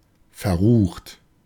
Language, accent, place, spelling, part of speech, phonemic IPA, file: German, Germany, Berlin, verrucht, adjective, /fɛɐ̯ˈʁuːχt/, De-verrucht.ogg
- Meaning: heinous, despicable